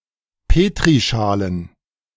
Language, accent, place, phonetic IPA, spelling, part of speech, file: German, Germany, Berlin, [ˈpeːtʁiˌʃaːlən], Petrischalen, noun, De-Petrischalen.ogg
- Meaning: plural of Petrischale